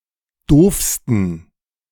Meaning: 1. superlative degree of doof 2. inflection of doof: strong genitive masculine/neuter singular superlative degree
- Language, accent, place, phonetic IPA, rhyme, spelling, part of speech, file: German, Germany, Berlin, [ˈdoːfstn̩], -oːfstn̩, doofsten, adjective, De-doofsten.ogg